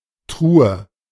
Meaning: chest (large box with a hinged lid)
- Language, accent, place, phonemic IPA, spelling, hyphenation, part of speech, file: German, Germany, Berlin, /ˈtʁuːə/, Truhe, Tru‧he, noun, De-Truhe.ogg